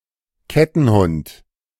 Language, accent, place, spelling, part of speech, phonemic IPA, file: German, Germany, Berlin, Kettenhund, noun, /ˈkɛtn̩ˌhʊnt/, De-Kettenhund.ogg
- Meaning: guard dog, watchdog, bandog